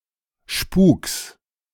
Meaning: genitive singular of Spuk
- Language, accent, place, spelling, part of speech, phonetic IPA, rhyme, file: German, Germany, Berlin, Spuks, noun, [ʃpuːks], -uːks, De-Spuks.ogg